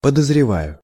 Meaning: first-person singular present indicative imperfective of подозрева́ть (podozrevátʹ)
- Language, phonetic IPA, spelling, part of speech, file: Russian, [pədəzrʲɪˈvajʊ], подозреваю, verb, Ru-подозреваю.ogg